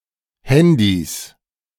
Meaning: 1. genitive singular of Handy 2. plural of Handy
- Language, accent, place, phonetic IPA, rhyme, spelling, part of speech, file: German, Germany, Berlin, [ˈhɛndis], -ɛndis, Handys, noun, De-Handys.ogg